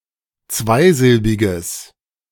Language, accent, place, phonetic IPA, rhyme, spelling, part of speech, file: German, Germany, Berlin, [ˈt͡svaɪ̯ˌzɪlbɪɡəs], -aɪ̯zɪlbɪɡəs, zweisilbiges, adjective, De-zweisilbiges.ogg
- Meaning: strong/mixed nominative/accusative neuter singular of zweisilbig